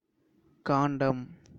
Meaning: 1. large section of an epic poem, book etc, canto, chapter 2. water, sacred water 3. staff, rod 4. stem, stalk 5. arrow 6. weapon 7. end, limit 8. opportunity 9. collection, multitude, assemblage
- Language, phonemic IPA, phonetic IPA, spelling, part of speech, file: Tamil, /kɑːɳɖɐm/, [käːɳɖɐm], காண்டம், noun, Ta-காண்டம்.wav